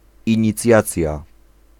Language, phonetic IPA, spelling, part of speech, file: Polish, [ˌĩɲiˈt͡sʲjat͡sʲja], inicjacja, noun, Pl-inicjacja.ogg